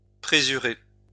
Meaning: use rennet to coagulate
- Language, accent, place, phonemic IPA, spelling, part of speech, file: French, France, Lyon, /pʁe.zy.ʁe/, présurer, verb, LL-Q150 (fra)-présurer.wav